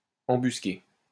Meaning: to ambush
- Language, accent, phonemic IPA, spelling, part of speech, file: French, France, /ɑ̃.bys.ke/, embusquer, verb, LL-Q150 (fra)-embusquer.wav